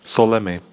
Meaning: instrumental plural of sůl
- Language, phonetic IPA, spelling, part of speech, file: Czech, [ˈsolɛmɪ], solemi, noun, Cs-solemi.ogg